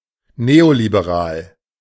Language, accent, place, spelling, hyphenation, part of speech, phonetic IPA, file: German, Germany, Berlin, neoliberal, neo‧li‧be‧ral, adjective, [ˈneolibeˌʁaːl], De-neoliberal.ogg
- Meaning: neoliberal